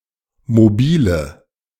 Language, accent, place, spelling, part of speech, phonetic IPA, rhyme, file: German, Germany, Berlin, mobile, adjective, [moˈbiːlə], -iːlə, De-mobile.ogg
- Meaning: inflection of mobil: 1. strong/mixed nominative/accusative feminine singular 2. strong nominative/accusative plural 3. weak nominative all-gender singular 4. weak accusative feminine/neuter singular